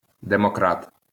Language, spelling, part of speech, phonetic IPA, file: Ukrainian, демократ, noun, [demɔˈkrat], LL-Q8798 (ukr)-демократ.wav
- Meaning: democrat